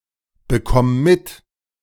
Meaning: singular imperative of mitbekommen
- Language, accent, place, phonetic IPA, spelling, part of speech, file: German, Germany, Berlin, [bəˌkɔm ˈmɪt], bekomm mit, verb, De-bekomm mit.ogg